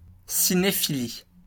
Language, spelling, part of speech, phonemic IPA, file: French, cinéphilie, noun, /si.ne.fi.li/, LL-Q150 (fra)-cinéphilie.wav
- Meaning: cinephilia